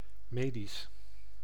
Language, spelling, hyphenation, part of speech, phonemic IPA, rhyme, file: Dutch, medisch, me‧disch, adjective, /ˈmeː.dis/, -eːdis, Nl-medisch.ogg
- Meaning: medical